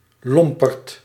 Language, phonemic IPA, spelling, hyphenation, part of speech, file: Dutch, /ˈlɔm.pərt/, lomperd, lom‧perd, noun, Nl-lomperd.ogg
- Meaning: a crude or churlish person, a lummox, a boor